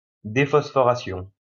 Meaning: dephosphorization
- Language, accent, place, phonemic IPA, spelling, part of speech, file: French, France, Lyon, /de.fɔs.fɔ.ʁa.sjɔ̃/, déphosphoration, noun, LL-Q150 (fra)-déphosphoration.wav